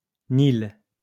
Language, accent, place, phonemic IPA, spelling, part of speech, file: French, France, Lyon, /nil/, Nil, proper noun, LL-Q150 (fra)-Nil.wav